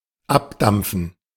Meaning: evaporation, vaporization
- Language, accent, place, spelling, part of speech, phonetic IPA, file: German, Germany, Berlin, Abdampfen, noun, [ˈapˌdamp͡fn̩], De-Abdampfen.ogg